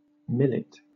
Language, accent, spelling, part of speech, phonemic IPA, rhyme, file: English, Southern England, millet, noun, /ˈmɪlɪt/, -ɪlɪt, LL-Q1860 (eng)-millet.wav
- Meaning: 1. Any of a group of various types of grass or its grains used as food, widely cultivated in the developing world 2. Common millet, in particular of species Panicum miliaceum